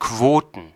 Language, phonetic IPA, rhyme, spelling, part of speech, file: German, [ˈkvoːtn̩], -oːtn̩, Quoten, noun, De-Quoten.ogg
- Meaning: plural of Quote